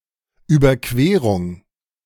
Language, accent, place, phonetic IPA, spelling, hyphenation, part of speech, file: German, Germany, Berlin, [yːbɐˈkveːʁʊŋ], Überquerung, Über‧que‧rung, noun, De-Überquerung.ogg
- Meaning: crossing